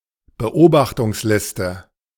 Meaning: watchlist
- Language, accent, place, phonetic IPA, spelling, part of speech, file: German, Germany, Berlin, [bəˈʔoːbaxtʊŋsˌlɪstə], Beobachtungsliste, noun, De-Beobachtungsliste.ogg